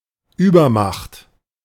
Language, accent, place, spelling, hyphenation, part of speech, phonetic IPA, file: German, Germany, Berlin, Übermacht, Über‧macht, noun, [ˈʔyː.bɐˌmaχt], De-Übermacht.ogg
- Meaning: overwhelming power, superiority in strength or number